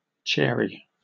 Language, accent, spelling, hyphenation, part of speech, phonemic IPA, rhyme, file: English, Southern England, chary, cha‧ry, adjective / adverb, /ˈt͡ʃɛəɹi/, -ɛəɹi, En-uk-chary.oga
- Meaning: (adjective) 1. Careful, cautious, shy, wary 2. Excessively particular or fussy about details; fastidious 3. Not disposed to give freely; not lavish; frugal, sparing